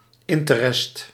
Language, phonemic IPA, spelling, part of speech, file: Dutch, /ˈɪntərɛst/, interest, noun, Nl-interest.ogg
- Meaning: interest